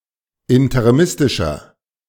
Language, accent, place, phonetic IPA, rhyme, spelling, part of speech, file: German, Germany, Berlin, [ɪntəʁiˈmɪstɪʃɐ], -ɪstɪʃɐ, interimistischer, adjective, De-interimistischer.ogg
- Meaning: inflection of interimistisch: 1. strong/mixed nominative masculine singular 2. strong genitive/dative feminine singular 3. strong genitive plural